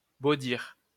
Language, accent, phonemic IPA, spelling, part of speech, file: French, France, /bo.diʁ/, baudir, verb, LL-Q150 (fra)-baudir.wav
- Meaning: to embolden